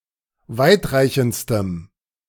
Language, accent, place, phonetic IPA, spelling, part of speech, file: German, Germany, Berlin, [ˈvaɪ̯tˌʁaɪ̯çn̩t͡stəm], weitreichendstem, adjective, De-weitreichendstem.ogg
- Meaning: strong dative masculine/neuter singular superlative degree of weitreichend